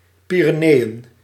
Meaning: Pyrenees
- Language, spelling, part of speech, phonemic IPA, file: Dutch, Pyreneeën, proper noun, /ˌpi.rəˈneː.ə(n)/, Nl-Pyreneeën.ogg